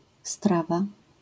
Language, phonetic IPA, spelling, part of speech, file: Polish, [ˈstrava], strawa, noun / verb, LL-Q809 (pol)-strawa.wav